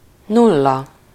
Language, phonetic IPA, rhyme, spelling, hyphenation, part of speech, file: Hungarian, [ˈnulːɒ], -lɒ, nulla, nul‧la, numeral / noun / adjective, Hu-nulla.ogg
- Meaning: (numeral) zero; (noun) 1. zero (digit) 2. a nobody, a zero (someone or something of no importance); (adjective) zero, none whatsoever, none at all